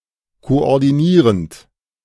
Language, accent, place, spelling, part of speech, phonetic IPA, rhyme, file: German, Germany, Berlin, koordinierend, verb, [koʔɔʁdiˈniːʁənt], -iːʁənt, De-koordinierend.ogg
- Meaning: present participle of koordinieren